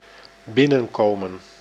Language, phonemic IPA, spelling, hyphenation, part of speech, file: Dutch, /ˈbɪnə(n)koːmə(n)/, binnenkomen, bin‧nen‧ko‧men, verb, Nl-binnenkomen.ogg
- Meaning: to enter, to come inside